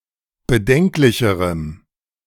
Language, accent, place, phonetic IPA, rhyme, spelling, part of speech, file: German, Germany, Berlin, [bəˈdɛŋklɪçəʁəm], -ɛŋklɪçəʁəm, bedenklicherem, adjective, De-bedenklicherem.ogg
- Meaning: strong dative masculine/neuter singular comparative degree of bedenklich